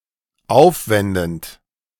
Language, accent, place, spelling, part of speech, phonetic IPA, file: German, Germany, Berlin, aufwendend, verb, [ˈaʊ̯fˌvɛndn̩t], De-aufwendend.ogg
- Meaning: present participle of aufwenden